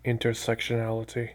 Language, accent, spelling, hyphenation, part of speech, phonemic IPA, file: English, US, intersectionality, in‧ter‧sec‧tion‧al‧i‧ty, noun, /ɪntɚˌsɛkʃəˈnæləti/, Intersectionality US.ogg
- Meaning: The quality or state of being intersectional, that is, of being characterized by intersection (especially of multiple forms of discrimination)